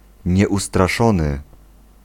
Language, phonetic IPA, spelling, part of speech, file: Polish, [ˌɲɛʷustraˈʃɔ̃nɨ], nieustraszony, adjective, Pl-nieustraszony.ogg